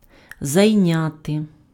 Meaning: to occupy, to take up, to take (:space, position, time, attention)
- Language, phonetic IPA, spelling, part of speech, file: Ukrainian, [zɐi̯ˈnʲate], зайняти, verb, Uk-зайняти.ogg